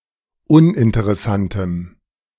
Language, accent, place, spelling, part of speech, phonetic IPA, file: German, Germany, Berlin, uninteressantem, adjective, [ˈʊnʔɪntəʁɛˌsantəm], De-uninteressantem.ogg
- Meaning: strong dative masculine/neuter singular of uninteressant